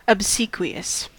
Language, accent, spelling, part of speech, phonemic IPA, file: English, US, obsequious, adjective, /əbˈsiːkwi.əs/, En-us-obsequious.ogg
- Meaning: 1. Excessively eager and attentive to please or to obey instructions; fawning, subservient, servile 2. Obedient; compliant with someone else's orders or wishes